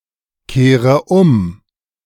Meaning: inflection of umkehren: 1. first-person singular present 2. first/third-person singular subjunctive I 3. singular imperative
- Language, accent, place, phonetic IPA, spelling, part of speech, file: German, Germany, Berlin, [ˌkeːʁə ˈʊm], kehre um, verb, De-kehre um.ogg